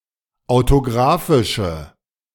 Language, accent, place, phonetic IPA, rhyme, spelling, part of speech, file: German, Germany, Berlin, [aʊ̯toˈɡʁaːfɪʃə], -aːfɪʃə, autographische, adjective, De-autographische.ogg
- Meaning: inflection of autographisch: 1. strong/mixed nominative/accusative feminine singular 2. strong nominative/accusative plural 3. weak nominative all-gender singular